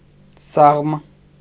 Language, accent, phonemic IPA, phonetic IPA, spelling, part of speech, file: Armenian, Eastern Armenian, /sɑʁm/, [sɑʁm], սաղմ, noun, Hy-սաղմ.ogg
- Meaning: embryo